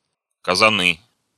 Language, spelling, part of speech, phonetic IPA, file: Russian, казаны, noun, [kəzɐˈnɨ], Ru-казаны.ogg
- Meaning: nominative/accusative plural of каза́н (kazán)